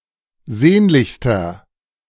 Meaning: inflection of sehnlich: 1. strong/mixed nominative masculine singular superlative degree 2. strong genitive/dative feminine singular superlative degree 3. strong genitive plural superlative degree
- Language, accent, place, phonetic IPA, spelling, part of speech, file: German, Germany, Berlin, [ˈzeːnlɪçstɐ], sehnlichster, adjective, De-sehnlichster.ogg